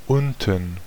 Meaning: 1. below 2. south 3. at a later point in a text
- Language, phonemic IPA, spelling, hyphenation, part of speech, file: German, /ˈʊntn̩/, unten, un‧ten, adverb, De-unten.ogg